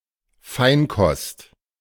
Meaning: delicatessen (top-quality food)
- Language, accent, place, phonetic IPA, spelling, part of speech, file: German, Germany, Berlin, [ˈfaɪ̯nˌkɔst], Feinkost, noun, De-Feinkost.ogg